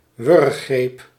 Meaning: stranglehold, choke
- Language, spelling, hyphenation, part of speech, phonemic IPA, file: Dutch, wurggreep, wurg‧greep, noun, /ˈʋʏr.xreːp/, Nl-wurggreep.ogg